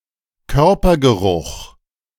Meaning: body odour
- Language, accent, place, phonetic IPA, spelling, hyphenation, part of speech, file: German, Germany, Berlin, [ˈkœʁpɐɡəˌʁʊχ], Körpergeruch, Kör‧per‧ge‧ruch, noun, De-Körpergeruch.ogg